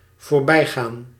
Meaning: to pass, to go by (in space or time)
- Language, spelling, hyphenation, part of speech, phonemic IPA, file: Dutch, voorbijgaan, voor‧bij‧gaan, verb, /voːrˈbɛi̯ˌɣaːn/, Nl-voorbijgaan.ogg